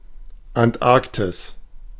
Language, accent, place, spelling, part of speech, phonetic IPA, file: German, Germany, Berlin, Antarktis, proper noun, [antˈʔaʁktɪs], De-Antarktis.ogg